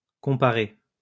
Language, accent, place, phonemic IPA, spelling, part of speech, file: French, France, Lyon, /kɔ̃.pa.ʁe/, comparé, verb / adjective, LL-Q150 (fra)-comparé.wav
- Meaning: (verb) past participle of comparer; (adjective) compared